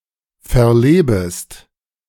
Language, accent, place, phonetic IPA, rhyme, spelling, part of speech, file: German, Germany, Berlin, [fɛɐ̯ˈleːbəst], -eːbəst, verlebest, verb, De-verlebest.ogg
- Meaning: second-person singular subjunctive I of verleben